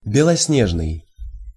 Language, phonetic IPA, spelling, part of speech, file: Russian, [bʲɪɫɐsˈnʲeʐnɨj], белоснежный, adjective, Ru-белоснежный.ogg
- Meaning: snow-white